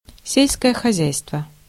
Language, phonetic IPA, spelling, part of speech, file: Russian, [ˈsʲelʲskəjə xɐˈzʲæjstvə], сельское хозяйство, noun, Ru-сельское хозяйство.ogg
- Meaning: agriculture (the art or science of cultivating the ground)